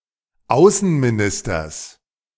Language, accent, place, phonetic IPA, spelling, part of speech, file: German, Germany, Berlin, [ˈaʊ̯sn̩miˌnɪstɐs], Außenministers, noun, De-Außenministers.ogg
- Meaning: genitive singular of Außenminister